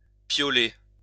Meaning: alternative form of piailler
- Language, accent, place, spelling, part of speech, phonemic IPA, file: French, France, Lyon, piauler, verb, /pjo.le/, LL-Q150 (fra)-piauler.wav